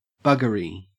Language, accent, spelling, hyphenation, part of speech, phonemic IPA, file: English, Australia, buggery, bug‧gery, noun / adverb / interjection, /ˈbʌɡəɹi/, En-au-buggery.ogg
- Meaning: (noun) 1. Anal sex 2. Any sexual act deemed against nature, such as homosexuality, bestiality or necrophilia 3. A broken or damaged condition